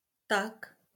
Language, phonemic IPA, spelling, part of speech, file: Marathi, /t̪ak/, ताक, noun, LL-Q1571 (mar)-ताक.wav
- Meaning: buttermilk